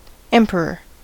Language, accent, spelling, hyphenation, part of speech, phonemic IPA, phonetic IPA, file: English, US, emperor, em‧pe‧ror, noun, /ˈɛmp(ə)ɹɚ/, [ˈɛmpʰ(ə)ɹɚ], En-us-emperor.ogg
- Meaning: 1. The male monarch or ruler of an empire 2. Any monarch ruling an empire, irrespective of gender, with "empress" contrasting to mean the consort of an emperor